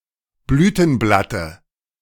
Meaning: dative singular of Blütenblatt
- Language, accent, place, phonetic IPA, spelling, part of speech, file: German, Germany, Berlin, [ˈblyːtn̩ˌblatə], Blütenblatte, noun, De-Blütenblatte.ogg